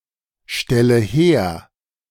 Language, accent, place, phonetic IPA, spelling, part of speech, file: German, Germany, Berlin, [ˌʃtɛlə ˈheːɐ̯], stelle her, verb, De-stelle her.ogg
- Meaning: inflection of herstellen: 1. first-person singular present 2. first/third-person singular subjunctive I 3. singular imperative